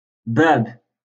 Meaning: door, gate
- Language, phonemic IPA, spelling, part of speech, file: Moroccan Arabic, /baːb/, باب, noun, LL-Q56426 (ary)-باب.wav